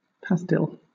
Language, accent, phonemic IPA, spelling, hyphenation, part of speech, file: English, Southern England, /ˈpæst(ɪ)l/, pastille, past‧ille, noun / verb, LL-Q1860 (eng)-pastille.wav
- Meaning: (noun) 1. A flavoured candy or sweet, often round and somewhat flat in shape 2. Any small, usually round and somewhat flat, granular piece of material; a tablet